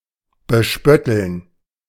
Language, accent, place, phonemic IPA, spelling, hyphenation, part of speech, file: German, Germany, Berlin, /bəˈʃpœtl̩n/, bespötteln, be‧spöt‧teln, verb, De-bespötteln.ogg
- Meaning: to make fun of